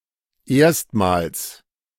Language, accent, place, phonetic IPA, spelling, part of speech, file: German, Germany, Berlin, [ˈeːɐ̯stmaːls], erstmals, adverb, De-erstmals.ogg
- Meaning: for the first time